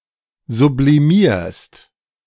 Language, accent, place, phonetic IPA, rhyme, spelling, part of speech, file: German, Germany, Berlin, [zubliˈmiːɐ̯st], -iːɐ̯st, sublimierst, verb, De-sublimierst.ogg
- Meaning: second-person singular present of sublimieren